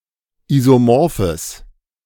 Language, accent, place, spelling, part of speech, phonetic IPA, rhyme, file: German, Germany, Berlin, isomorphes, adjective, [ˌizoˈmɔʁfəs], -ɔʁfəs, De-isomorphes.ogg
- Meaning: strong/mixed nominative/accusative neuter singular of isomorph